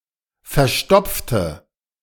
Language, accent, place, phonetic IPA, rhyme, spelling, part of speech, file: German, Germany, Berlin, [fɛɐ̯ˈʃtɔp͡ftə], -ɔp͡ftə, verstopfte, adjective, De-verstopfte.ogg
- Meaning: inflection of verstopfen: 1. first/third-person singular preterite 2. first/third-person singular subjunctive II